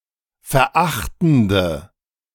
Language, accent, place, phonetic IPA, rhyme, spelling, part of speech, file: German, Germany, Berlin, [fɛɐ̯ˈʔaxtn̩də], -axtn̩də, verachtende, adjective, De-verachtende.ogg
- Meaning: inflection of verachtend: 1. strong/mixed nominative/accusative feminine singular 2. strong nominative/accusative plural 3. weak nominative all-gender singular